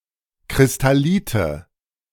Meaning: nominative/accusative/genitive plural of Kristallit
- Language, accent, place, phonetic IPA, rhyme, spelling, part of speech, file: German, Germany, Berlin, [kʁɪstaˈliːtə], -iːtə, Kristallite, noun, De-Kristallite.ogg